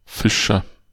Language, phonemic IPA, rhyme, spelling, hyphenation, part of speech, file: German, /ˈfɪʃɐ/, -ɪʃɐ, Fischer, Fi‧scher, noun / proper noun, De-Fischer.ogg
- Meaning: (noun) 1. agent noun of fischen 2. fisher, fisherman (male or of unspecified gender)